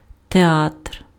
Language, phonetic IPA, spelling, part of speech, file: Ukrainian, [teˈatr], театр, noun, Uk-театр.ogg
- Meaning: theatre/theater